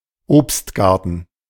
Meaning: orchard
- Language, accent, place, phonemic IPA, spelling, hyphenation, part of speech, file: German, Germany, Berlin, /ˈoːpstˌɡaʁtn̩/, Obstgarten, Obst‧gar‧ten, noun, De-Obstgarten.ogg